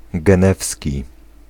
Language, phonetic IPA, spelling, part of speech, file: Polish, [ɡɛ̃ˈnɛfsʲci], genewski, adjective, Pl-genewski.ogg